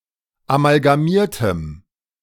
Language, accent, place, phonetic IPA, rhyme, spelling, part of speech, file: German, Germany, Berlin, [amalɡaˈmiːɐ̯təm], -iːɐ̯təm, amalgamiertem, adjective, De-amalgamiertem.ogg
- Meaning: strong dative masculine/neuter singular of amalgamiert